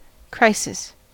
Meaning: 1. A crucial or decisive point or situation; a turning point 2. An unstable situation, in political, social, economic or military affairs, especially one involving an impending abrupt change
- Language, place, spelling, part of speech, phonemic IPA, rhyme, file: English, California, crisis, noun, /ˈkɹaɪsɪs/, -aɪsɪs, En-us-crisis.ogg